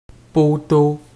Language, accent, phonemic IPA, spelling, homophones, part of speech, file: French, Canada, /pɔ.to/, poteau, poteaux, noun, Qc-poteau.ogg
- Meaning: 1. post, pole, stake, stanchion, strut, standard, prop 2. goalpost 3. friend, buddy 4. paper candidate